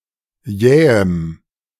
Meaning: strong dative masculine/neuter singular of jäh
- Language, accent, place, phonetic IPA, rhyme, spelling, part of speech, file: German, Germany, Berlin, [ˈjɛːəm], -ɛːəm, jähem, adjective, De-jähem.ogg